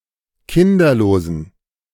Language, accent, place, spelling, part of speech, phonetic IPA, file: German, Germany, Berlin, kinderlosen, adjective, [ˈkɪndɐloːzn̩], De-kinderlosen.ogg
- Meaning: inflection of kinderlos: 1. strong genitive masculine/neuter singular 2. weak/mixed genitive/dative all-gender singular 3. strong/weak/mixed accusative masculine singular 4. strong dative plural